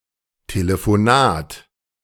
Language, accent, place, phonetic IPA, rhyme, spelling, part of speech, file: German, Germany, Berlin, [teləfoˈnaːt], -aːt, Telefonat, noun, De-Telefonat.ogg
- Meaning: phone call